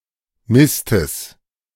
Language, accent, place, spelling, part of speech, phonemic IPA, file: German, Germany, Berlin, Mistes, noun, /ˈmɪstəs/, De-Mistes.ogg
- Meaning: genitive singular of Mist